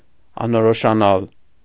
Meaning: to become indefinite, indistinct, vague
- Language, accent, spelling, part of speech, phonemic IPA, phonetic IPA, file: Armenian, Eastern Armenian, անորոշանալ, verb, /ɑnoɾoʃɑˈnɑl/, [ɑnoɾoʃɑnɑ́l], Hy-անորոշանալ.ogg